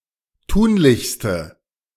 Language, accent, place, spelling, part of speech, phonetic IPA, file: German, Germany, Berlin, tunlichste, adjective, [ˈtuːnlɪçstə], De-tunlichste.ogg
- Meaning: inflection of tunlich: 1. strong/mixed nominative/accusative feminine singular superlative degree 2. strong nominative/accusative plural superlative degree